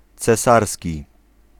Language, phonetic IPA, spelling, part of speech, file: Polish, [t͡sɛˈsarsʲci], cesarski, adjective, Pl-cesarski.ogg